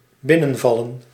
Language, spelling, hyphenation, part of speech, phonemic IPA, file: Dutch, binnenvallen, bin‧nen‧val‧len, verb, /ˈbɪnə(n)vɑlə(n)/, Nl-binnenvallen.ogg
- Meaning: 1. to drop in (especially unannounced) 2. to invade